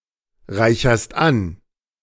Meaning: second-person singular present of anreichern
- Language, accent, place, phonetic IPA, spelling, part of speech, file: German, Germany, Berlin, [ˌʁaɪ̯çɐst ˈan], reicherst an, verb, De-reicherst an.ogg